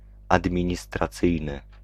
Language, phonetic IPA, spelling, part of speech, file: Polish, [ˌadmʲĩɲistraˈt͡sɨjnɨ], administracyjny, adjective, Pl-administracyjny.ogg